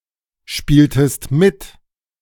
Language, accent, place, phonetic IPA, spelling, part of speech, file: German, Germany, Berlin, [ˌʃpiːltəst ˈmɪt], spieltest mit, verb, De-spieltest mit.ogg
- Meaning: inflection of mitspielen: 1. second-person singular preterite 2. second-person singular subjunctive II